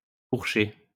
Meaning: feminine singular of fourché
- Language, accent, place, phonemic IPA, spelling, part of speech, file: French, France, Lyon, /fuʁ.ʃe/, fourchée, verb, LL-Q150 (fra)-fourchée.wav